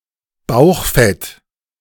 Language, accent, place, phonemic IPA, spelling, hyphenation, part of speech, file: German, Germany, Berlin, /ˈbaʊ̯xˌfɛt/, Bauchfett, Bauch‧fett, noun, De-Bauchfett.ogg
- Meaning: belly fat